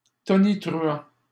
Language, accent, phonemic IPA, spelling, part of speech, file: French, Canada, /tɔ.ni.tʁy.ɑ̃/, tonitruant, verb / adjective, LL-Q150 (fra)-tonitruant.wav
- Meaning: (verb) present participle of tonitruer; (adjective) thundering; raucous